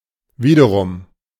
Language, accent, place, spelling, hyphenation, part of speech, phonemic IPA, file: German, Germany, Berlin, wiederum, wie‧de‧r‧um, adverb, /ˈviːdəʁʊm/, De-wiederum.ogg
- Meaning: 1. in turn, then again, on the other hand, to the contrary 2. again, once more